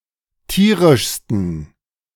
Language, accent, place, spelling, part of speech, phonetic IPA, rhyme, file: German, Germany, Berlin, tierischsten, adjective, [ˈtiːʁɪʃstn̩], -iːʁɪʃstn̩, De-tierischsten.ogg
- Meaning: 1. superlative degree of tierisch 2. inflection of tierisch: strong genitive masculine/neuter singular superlative degree